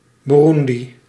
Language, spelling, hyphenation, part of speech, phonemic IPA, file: Dutch, Burundi, Bu‧run‧di, proper noun, /ˌbuˈrun.di/, Nl-Burundi.ogg
- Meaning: Burundi (a country in East Africa)